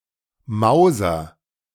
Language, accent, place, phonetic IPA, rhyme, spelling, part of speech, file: German, Germany, Berlin, [ˈmaʊ̯zɐ], -aʊ̯zɐ, mauser, verb, De-mauser.ogg
- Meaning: inflection of mause: 1. strong/mixed nominative masculine singular 2. strong genitive/dative feminine singular 3. strong genitive plural